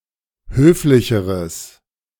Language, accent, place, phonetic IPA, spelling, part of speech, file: German, Germany, Berlin, [ˈhøːflɪçəʁəs], höflicheres, adjective, De-höflicheres.ogg
- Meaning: strong/mixed nominative/accusative neuter singular comparative degree of höflich